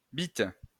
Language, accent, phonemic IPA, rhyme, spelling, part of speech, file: French, France, /bit/, -it, bite, noun, LL-Q150 (fra)-bite.wav
- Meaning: knob, cock, dick